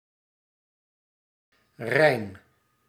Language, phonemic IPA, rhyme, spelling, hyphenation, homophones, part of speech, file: Dutch, /rɛi̯n/, -ɛi̯n, Rijn, Rijn, rein, proper noun, Nl-Rijn.ogg